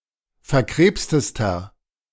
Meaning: inflection of verkrebst: 1. strong/mixed nominative masculine singular superlative degree 2. strong genitive/dative feminine singular superlative degree 3. strong genitive plural superlative degree
- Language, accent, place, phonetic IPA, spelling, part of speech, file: German, Germany, Berlin, [fɛɐ̯ˈkʁeːpstəstɐ], verkrebstester, adjective, De-verkrebstester.ogg